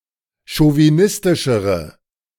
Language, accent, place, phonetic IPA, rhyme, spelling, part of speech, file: German, Germany, Berlin, [ʃoviˈnɪstɪʃəʁə], -ɪstɪʃəʁə, chauvinistischere, adjective, De-chauvinistischere.ogg
- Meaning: inflection of chauvinistisch: 1. strong/mixed nominative/accusative feminine singular comparative degree 2. strong nominative/accusative plural comparative degree